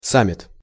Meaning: summit (gathering of leaders)
- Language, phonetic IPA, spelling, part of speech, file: Russian, [ˈsamʲ(ː)ɪt], саммит, noun, Ru-саммит.ogg